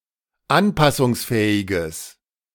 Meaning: strong/mixed nominative/accusative neuter singular of anpassungsfähig
- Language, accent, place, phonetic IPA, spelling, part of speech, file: German, Germany, Berlin, [ˈanpasʊŋsˌfɛːɪɡəs], anpassungsfähiges, adjective, De-anpassungsfähiges.ogg